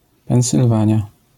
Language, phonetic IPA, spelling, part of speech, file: Polish, [ˌpɛ̃w̃sɨlˈvãɲja], Pensylwania, proper noun, LL-Q809 (pol)-Pensylwania.wav